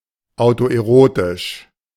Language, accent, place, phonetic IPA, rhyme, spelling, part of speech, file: German, Germany, Berlin, [aʊ̯toʔeˈʁoːtɪʃ], -oːtɪʃ, autoerotisch, adjective, De-autoerotisch.ogg
- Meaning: autoerotic